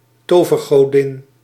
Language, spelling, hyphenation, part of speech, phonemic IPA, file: Dutch, tovergodin, to‧ver‧go‧din, noun, /ˈtoː.vər.ɣoːˌdɪn/, Nl-tovergodin.ogg
- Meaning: 1. female fairy, female fay 2. goddess of magic